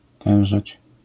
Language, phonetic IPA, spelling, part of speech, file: Polish, [ˈtɛ̃w̃ʒɛt͡ɕ], tężeć, verb, LL-Q809 (pol)-tężeć.wav